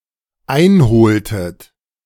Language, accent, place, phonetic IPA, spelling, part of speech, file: German, Germany, Berlin, [ˈaɪ̯nˌhoːltət], einholtet, verb, De-einholtet.ogg
- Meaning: inflection of einholen: 1. second-person plural dependent preterite 2. second-person plural dependent subjunctive II